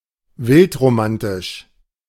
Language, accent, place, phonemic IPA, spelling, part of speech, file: German, Germany, Berlin, /ˈvɪltʁoˌmantɪʃ/, wildromantisch, adjective, De-wildromantisch.ogg
- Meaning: very romantic